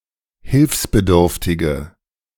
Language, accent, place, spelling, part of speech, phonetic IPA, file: German, Germany, Berlin, hilfsbedürftige, adjective, [ˈhɪlfsbəˌdʏʁftɪɡə], De-hilfsbedürftige.ogg
- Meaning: inflection of hilfsbedürftig: 1. strong/mixed nominative/accusative feminine singular 2. strong nominative/accusative plural 3. weak nominative all-gender singular